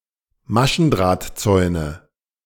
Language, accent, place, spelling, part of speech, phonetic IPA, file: German, Germany, Berlin, Maschendrahtzäune, noun, [ˈmaʃn̩dʁaːtˌt͡sɔɪ̯nə], De-Maschendrahtzäune.ogg
- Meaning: nominative/accusative/genitive plural of Maschendrahtzaun